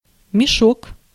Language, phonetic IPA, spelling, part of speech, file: Russian, [mʲɪˈʂok], мешок, noun, Ru-мешок.ogg
- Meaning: 1. sack (large bag for storage and handling) 2. punching bag 3. encirclement 4. clumsy person, galoot